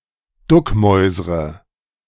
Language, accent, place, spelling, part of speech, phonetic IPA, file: German, Germany, Berlin, duckmäusre, verb, [ˈdʊkˌmɔɪ̯zʁə], De-duckmäusre.ogg
- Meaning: inflection of duckmäusern: 1. first-person singular present 2. first/third-person singular subjunctive I 3. singular imperative